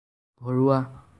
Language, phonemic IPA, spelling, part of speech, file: Assamese, /bʱɔ.ɹʊɑ/, ভৰোৱা, adjective, As-ভৰোৱা.ogg
- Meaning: 1. filled 2. inserted